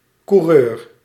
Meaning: 1. cyclist for sport (in contrast to fietser) 2. motorcyclist 3. auto racer
- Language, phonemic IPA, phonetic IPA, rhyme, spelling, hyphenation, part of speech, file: Dutch, /kuˈrøːr/, [kuˈrøːɹ], -øːr, coureur, cou‧reur, noun, Nl-coureur.ogg